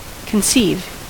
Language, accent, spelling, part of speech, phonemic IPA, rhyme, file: English, US, conceive, verb, /kənˈsiːv/, -iːv, En-us-conceive.ogg
- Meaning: 1. To have a child; to become pregnant (with) 2. To develop; to form in the mind; to imagine 3. To imagine (as); to have a conception of; to form a representation of 4. To understand (someone)